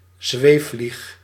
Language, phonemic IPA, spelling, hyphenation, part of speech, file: Dutch, /ˈzʋeː(f).flix/, zweefvlieg, zweef‧vlieg, noun / verb, Nl-zweefvlieg.ogg
- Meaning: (noun) hoverfly, fly of the family Syrphidae; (verb) inflection of zweefvliegen: 1. first-person singular present indicative 2. second-person singular present indicative 3. imperative